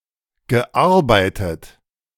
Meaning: past participle of arbeiten
- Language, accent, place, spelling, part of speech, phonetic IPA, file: German, Germany, Berlin, gearbeitet, verb, [ɡəˈʔaʁbaɪ̯tət], De-gearbeitet.ogg